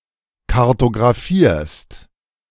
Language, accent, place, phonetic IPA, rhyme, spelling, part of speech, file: German, Germany, Berlin, [kaʁtoɡʁaˈfiːɐ̯st], -iːɐ̯st, kartographierst, verb, De-kartographierst.ogg
- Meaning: second-person singular present of kartographieren